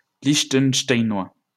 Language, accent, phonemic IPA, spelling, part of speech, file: French, France, /liʃ.tənʃ.taj.nwa/, Liechtensteinois, noun, LL-Q150 (fra)-Liechtensteinois.wav
- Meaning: resident or native of Liechtenstein